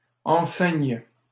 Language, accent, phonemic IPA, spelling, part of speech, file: French, Canada, /ɑ̃.sɛɲ/, enceignent, verb, LL-Q150 (fra)-enceignent.wav
- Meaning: third-person plural present indicative/subjunctive of enceindre